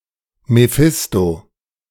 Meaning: alternative form of Mephistopheles
- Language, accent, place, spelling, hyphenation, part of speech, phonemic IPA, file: German, Germany, Berlin, Mephisto, Me‧phis‧to, proper noun, /meˈfɪsto/, De-Mephisto.ogg